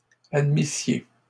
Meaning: second-person plural imperfect subjunctive of admettre
- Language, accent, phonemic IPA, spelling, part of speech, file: French, Canada, /ad.mi.sje/, admissiez, verb, LL-Q150 (fra)-admissiez.wav